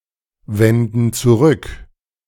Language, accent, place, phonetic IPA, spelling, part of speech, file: German, Germany, Berlin, [ˌvɛndn̩ t͡suˈʁʏk], wenden zurück, verb, De-wenden zurück.ogg
- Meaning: inflection of zurückwenden: 1. first/third-person plural present 2. first/third-person plural subjunctive I